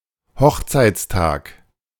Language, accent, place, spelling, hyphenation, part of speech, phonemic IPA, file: German, Germany, Berlin, Hochzeitstag, Hoch‧zeits‧tag, noun, /ˈhɔxt͡saɪ̯t͡sˌtaːk/, De-Hochzeitstag.ogg
- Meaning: 1. wedding day 2. wedding anniversary